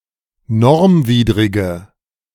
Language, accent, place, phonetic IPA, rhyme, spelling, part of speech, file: German, Germany, Berlin, [ˈnɔʁmˌviːdʁɪɡə], -ɔʁmviːdʁɪɡə, normwidrige, adjective, De-normwidrige.ogg
- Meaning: inflection of normwidrig: 1. strong/mixed nominative/accusative feminine singular 2. strong nominative/accusative plural 3. weak nominative all-gender singular